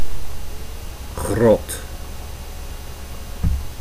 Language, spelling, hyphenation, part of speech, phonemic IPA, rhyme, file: Dutch, grot, grot, noun, /ɣrɔt/, -ɔt, Nl-grot.ogg
- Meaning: cave, cavern